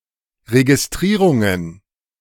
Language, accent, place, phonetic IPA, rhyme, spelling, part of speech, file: German, Germany, Berlin, [ʁeɡisˈtʁiːʁʊŋən], -iːʁʊŋən, Registrierungen, noun, De-Registrierungen.ogg
- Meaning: plural of Registrierung